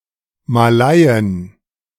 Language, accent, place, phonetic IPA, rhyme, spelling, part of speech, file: German, Germany, Berlin, [maˈlaɪ̯ən], -aɪ̯ən, Malaien, noun, De-Malaien.ogg
- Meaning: plural of Malaie